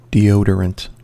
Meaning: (noun) Any agent acting to eliminate, reduce, mask, or control odor
- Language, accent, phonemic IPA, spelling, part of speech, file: English, US, /diˈoʊ.də.ɹənt/, deodorant, noun / adjective, En-us-deodorant.ogg